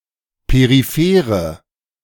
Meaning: inflection of peripher: 1. strong/mixed nominative/accusative feminine singular 2. strong nominative/accusative plural 3. weak nominative all-gender singular
- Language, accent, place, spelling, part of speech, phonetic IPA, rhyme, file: German, Germany, Berlin, periphere, adjective, [peʁiˈfeːʁə], -eːʁə, De-periphere.ogg